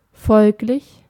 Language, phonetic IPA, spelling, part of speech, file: German, [ˈfɔlklɪç], folglich, adverb, De-folglich.ogg
- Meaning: thus, therefore, consequently, hence